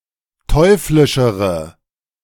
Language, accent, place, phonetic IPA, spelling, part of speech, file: German, Germany, Berlin, [ˈtɔɪ̯flɪʃəʁə], teuflischere, adjective, De-teuflischere.ogg
- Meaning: inflection of teuflisch: 1. strong/mixed nominative/accusative feminine singular comparative degree 2. strong nominative/accusative plural comparative degree